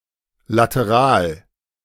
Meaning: lateral
- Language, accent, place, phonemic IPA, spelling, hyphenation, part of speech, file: German, Germany, Berlin, /latəˈʁaːl/, Lateral, La‧te‧ral, noun, De-Lateral.ogg